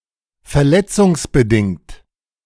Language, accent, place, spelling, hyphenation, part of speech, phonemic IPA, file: German, Germany, Berlin, verletzungsbedingt, ver‧let‧zungs‧be‧dingt, adjective, /fɛɐ̯ˈlɛt͡sʊŋsbəˌdɪŋt/, De-verletzungsbedingt.ogg
- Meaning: as a result of injury, caused by injury, due to injury